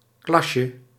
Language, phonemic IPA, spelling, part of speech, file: Dutch, /ˈklɑʃə/, klasje, noun, Nl-klasje.ogg
- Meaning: diminutive of klas